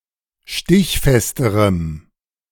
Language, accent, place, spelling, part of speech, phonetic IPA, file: German, Germany, Berlin, stichfesterem, adjective, [ˈʃtɪçˌfɛstəʁəm], De-stichfesterem.ogg
- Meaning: strong dative masculine/neuter singular comparative degree of stichfest